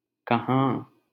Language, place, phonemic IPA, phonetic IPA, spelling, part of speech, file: Hindi, Delhi, /kə.ɦɑ̃ː/, [kɐ.ɦä̃ː], कहाँ, adverb, LL-Q1568 (hin)-कहाँ.wav
- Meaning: 1. where 2. not the case, not even, not at all